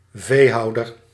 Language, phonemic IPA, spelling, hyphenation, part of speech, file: Dutch, /ˈveːˌɦɑu̯.dər/, veehouder, vee‧hou‧der, noun, Nl-veehouder.ogg
- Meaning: someone who keeps livestock, a livestock farmer